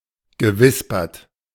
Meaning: past participle of wispern
- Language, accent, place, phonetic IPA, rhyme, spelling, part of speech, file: German, Germany, Berlin, [ɡəˈvɪspɐt], -ɪspɐt, gewispert, verb, De-gewispert.ogg